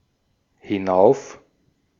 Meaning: up; upward; upwards (from the own location upwards, in direction away from the speaker)
- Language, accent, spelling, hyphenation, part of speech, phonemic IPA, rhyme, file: German, Austria, hinauf, hi‧n‧auf, adverb, /hɪˈnaʊ̯f/, -aʊ̯f, De-at-hinauf.ogg